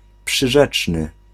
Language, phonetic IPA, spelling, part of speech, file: Polish, [pʃɨˈʒɛt͡ʃnɨ], przyrzeczny, adjective, Pl-przyrzeczny.ogg